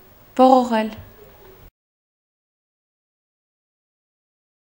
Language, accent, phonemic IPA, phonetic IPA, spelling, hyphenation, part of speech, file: Armenian, Eastern Armenian, /voʁoˈʁel/, [voʁoʁél], ողողել, ո‧ղո‧ղել, verb, Hy-ողողել.ogg
- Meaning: 1. to flood, to overflow 2. to wash away, to wash out 3. to wash lightly: to rinse 4. to wash the mouth: to rinse, to gargle 5. to wet, to soak, to drench 6. to drown, to swamp, to inundate